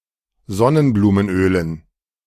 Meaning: dative plural of Sonnenblumenöl
- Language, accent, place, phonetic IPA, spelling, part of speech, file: German, Germany, Berlin, [ˈzɔnənbluːmənˌʔøːlən], Sonnenblumenölen, noun, De-Sonnenblumenölen.ogg